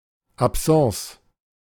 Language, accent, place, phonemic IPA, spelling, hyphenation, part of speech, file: German, Germany, Berlin, /apˈsãːs/, Absence, Ab‧sence, noun, De-Absence.ogg
- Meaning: 1. absence (temporary loss or disruption of consciousness) 2. absent-mindedness